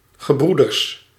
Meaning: brothers
- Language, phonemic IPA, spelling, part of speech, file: Dutch, /ɣəˈbrudərs/, gebroeders, noun, Nl-gebroeders.ogg